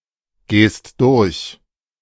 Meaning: second-person singular present of durchgehen
- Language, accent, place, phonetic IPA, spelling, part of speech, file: German, Germany, Berlin, [ˌɡeːst ˈdʊʁç], gehst durch, verb, De-gehst durch.ogg